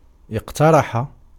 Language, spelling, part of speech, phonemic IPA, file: Arabic, اقترح, verb, /iq.ta.ra.ħa/, Ar-اقترح.ogg
- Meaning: 1. to urge 2. to improvise, speak extemporaneously 3. to invent 4. to suggest, to propose 5. to select